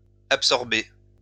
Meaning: inflection of absorber: 1. second-person plural present indicative 2. second-person plural imperative
- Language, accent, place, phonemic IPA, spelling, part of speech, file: French, France, Lyon, /ap.sɔʁ.be/, absorbez, verb, LL-Q150 (fra)-absorbez.wav